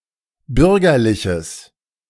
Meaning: strong/mixed nominative/accusative neuter singular of bürgerlich
- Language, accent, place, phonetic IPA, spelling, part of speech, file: German, Germany, Berlin, [ˈbʏʁɡɐlɪçəs], bürgerliches, adjective, De-bürgerliches.ogg